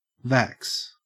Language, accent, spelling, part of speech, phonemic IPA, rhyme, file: English, Australia, vax, noun / verb, /væks/, -æks, En-au-vax.ogg
- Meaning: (noun) 1. Clipping of vaccine 2. Clipping of vaccination; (verb) To vaccinate